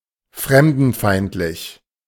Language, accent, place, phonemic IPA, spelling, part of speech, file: German, Germany, Berlin, /ˈfʁɛmdn̩ˌfaɪ̯ntlɪç/, fremdenfeindlich, adjective, De-fremdenfeindlich.ogg
- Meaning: hostile to foreigners or strangers, xenophobic